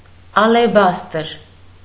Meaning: alabaster
- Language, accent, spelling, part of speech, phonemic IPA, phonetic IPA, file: Armenian, Eastern Armenian, ալեբաստր, noun, /ɑleˈbɑstəɾ/, [ɑlebɑ́stəɾ], Hy-ալեբաստր.ogg